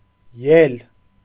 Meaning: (noun) 1. rare form of ելք (elkʻ) 2. ascension, the act of going up; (verb) second-person singular imperative of ելնել (elnel)
- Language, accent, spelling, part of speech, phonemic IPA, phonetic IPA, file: Armenian, Eastern Armenian, ել, noun / verb, /jel/, [jel], Hy-ել.ogg